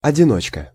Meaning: 1. loner, singleton (one who lacks or avoids company) 2. solitary (confinement) cell, one-man cell 3. single scull
- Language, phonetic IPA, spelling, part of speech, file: Russian, [ɐdʲɪˈnot͡ɕkə], одиночка, noun, Ru-одиночка.ogg